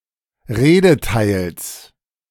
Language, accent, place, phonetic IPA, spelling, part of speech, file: German, Germany, Berlin, [ˈʁeːdəˌtaɪ̯ls], Redeteils, noun, De-Redeteils.ogg
- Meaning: genitive singular of Redeteil